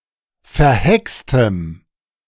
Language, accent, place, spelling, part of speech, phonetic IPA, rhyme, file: German, Germany, Berlin, verhextem, adjective, [fɛɐ̯ˈhɛkstəm], -ɛkstəm, De-verhextem.ogg
- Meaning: strong dative masculine/neuter singular of verhext